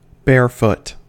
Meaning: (adjective) 1. Wearing nothing on the feet 2. Of a vehicle on an icy road: not using snow chains 3. Transmitting without the use of an amplifier
- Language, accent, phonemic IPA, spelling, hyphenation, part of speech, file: English, US, /ˈbɛɹfʊt/, barefoot, barefoot, adjective / adverb, En-us-barefoot.ogg